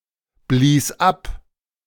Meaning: first/third-person singular preterite of abblasen
- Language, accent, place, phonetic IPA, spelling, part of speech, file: German, Germany, Berlin, [ˌbliːs ˈap], blies ab, verb, De-blies ab.ogg